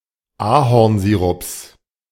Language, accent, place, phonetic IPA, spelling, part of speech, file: German, Germany, Berlin, [ˈaːhɔʁnˌziːʁʊps], Ahornsirups, noun, De-Ahornsirups.ogg
- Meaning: plural of Ahornsirup